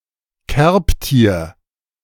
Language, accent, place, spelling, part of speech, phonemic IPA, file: German, Germany, Berlin, Kerbtier, noun, /ˈkɛʁpˌtiːɐ̯/, De-Kerbtier.ogg
- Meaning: insect